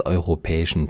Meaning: inflection of europäisch: 1. strong genitive masculine/neuter singular 2. weak/mixed genitive/dative all-gender singular 3. strong/weak/mixed accusative masculine singular 4. strong dative plural
- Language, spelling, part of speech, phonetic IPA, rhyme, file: German, europäischen, adjective, [ˌɔɪ̯ʁoˈpɛːɪʃn̩], -ɛːɪʃn̩, De-europäischen.ogg